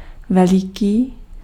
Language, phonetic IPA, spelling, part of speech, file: Czech, [ˈvɛlɪkiː], veliký, adjective, Cs-veliký.ogg
- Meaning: 1. great (very big, large scale) 2. great (title referring to an important leader)